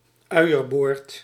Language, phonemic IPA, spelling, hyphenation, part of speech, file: Dutch, /ˈœy̯.ərˌboːrt/, uierboord, ui‧er‧boord, noun, Nl-uierboord.ogg
- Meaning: the udder of a cow, or of another animal used as livestock, used as food